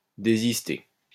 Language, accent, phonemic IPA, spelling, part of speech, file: French, France, /de.zis.te/, désister, verb, LL-Q150 (fra)-désister.wav
- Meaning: to cancel, to withdraw